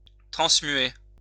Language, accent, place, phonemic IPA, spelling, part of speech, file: French, France, Lyon, /tʁɑ̃s.mɥe/, transmuer, verb, LL-Q150 (fra)-transmuer.wav
- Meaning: to transmute